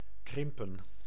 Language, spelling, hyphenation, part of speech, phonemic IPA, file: Dutch, krimpen, krim‧pen, verb, /ˈkrɪm.pə(n)/, Nl-krimpen.ogg
- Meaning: to shrink, crimp